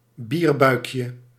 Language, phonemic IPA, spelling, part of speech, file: Dutch, /ˈbirbœykjə/, bierbuikje, noun, Nl-bierbuikje.ogg
- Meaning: diminutive of bierbuik